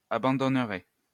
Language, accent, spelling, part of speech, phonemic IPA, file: French, France, abandonnerez, verb, /a.bɑ̃.dɔn.ʁe/, LL-Q150 (fra)-abandonnerez.wav
- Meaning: second-person plural future of abandonner